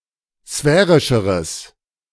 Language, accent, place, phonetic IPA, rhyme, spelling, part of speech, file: German, Germany, Berlin, [ˈsfɛːʁɪʃəʁəs], -ɛːʁɪʃəʁəs, sphärischeres, adjective, De-sphärischeres.ogg
- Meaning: strong/mixed nominative/accusative neuter singular comparative degree of sphärisch